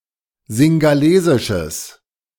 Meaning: strong/mixed nominative/accusative neuter singular of singhalesisch
- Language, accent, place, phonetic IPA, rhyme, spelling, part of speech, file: German, Germany, Berlin, [zɪŋɡaˈleːzɪʃəs], -eːzɪʃəs, singhalesisches, adjective, De-singhalesisches.ogg